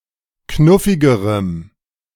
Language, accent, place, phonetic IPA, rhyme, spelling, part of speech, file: German, Germany, Berlin, [ˈknʊfɪɡəʁəm], -ʊfɪɡəʁəm, knuffigerem, adjective, De-knuffigerem.ogg
- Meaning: strong dative masculine/neuter singular comparative degree of knuffig